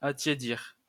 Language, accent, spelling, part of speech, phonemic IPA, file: French, France, attiédir, verb, /a.tje.diʁ/, LL-Q150 (fra)-attiédir.wav
- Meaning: 1. to warm 2. to become warm